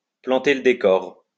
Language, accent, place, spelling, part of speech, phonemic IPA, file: French, France, Lyon, planter le décor, verb, /plɑ̃.te l(ə) de.kɔʁ/, LL-Q150 (fra)-planter le décor.wav
- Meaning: 1. to set up the scenery 2. to set the scene